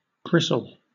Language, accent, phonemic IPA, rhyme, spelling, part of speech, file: English, Southern England, /ˈbɹɪsəl/, -ɪsəl, bristle, noun / verb, LL-Q1860 (eng)-bristle.wav
- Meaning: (noun) 1. A stiff or coarse hair on a nonhuman mammal or on a plant 2. A chaeta: an analogous filament on arthropods, annelids, or other animals